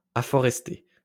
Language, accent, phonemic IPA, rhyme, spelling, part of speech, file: French, France, /a.fɔ.ʁɛs.te/, -e, afforesté, verb, LL-Q150 (fra)-afforesté.wav
- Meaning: past participle of afforester